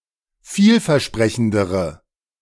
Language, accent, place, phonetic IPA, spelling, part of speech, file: German, Germany, Berlin, [ˈfiːlfɛɐ̯ˌʃpʁɛçn̩dəʁə], vielversprechendere, adjective, De-vielversprechendere.ogg
- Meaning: inflection of vielversprechend: 1. strong/mixed nominative/accusative feminine singular comparative degree 2. strong nominative/accusative plural comparative degree